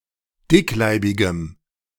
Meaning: strong dative masculine/neuter singular of dickleibig
- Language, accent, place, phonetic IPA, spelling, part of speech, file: German, Germany, Berlin, [ˈdɪkˌlaɪ̯bɪɡəm], dickleibigem, adjective, De-dickleibigem.ogg